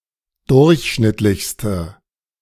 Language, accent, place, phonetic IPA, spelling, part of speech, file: German, Germany, Berlin, [ˈdʊʁçˌʃnɪtlɪçstə], durchschnittlichste, adjective, De-durchschnittlichste.ogg
- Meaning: inflection of durchschnittlich: 1. strong/mixed nominative/accusative feminine singular superlative degree 2. strong nominative/accusative plural superlative degree